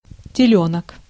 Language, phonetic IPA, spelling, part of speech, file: Russian, [tʲɪˈlʲɵnək], телёнок, noun, Ru-телёнок.ogg
- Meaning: calf, bull calf